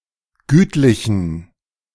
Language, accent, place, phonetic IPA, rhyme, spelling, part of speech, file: German, Germany, Berlin, [ˈɡyːtlɪçn̩], -yːtlɪçn̩, gütlichen, adjective, De-gütlichen.ogg
- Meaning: inflection of gütlich: 1. strong genitive masculine/neuter singular 2. weak/mixed genitive/dative all-gender singular 3. strong/weak/mixed accusative masculine singular 4. strong dative plural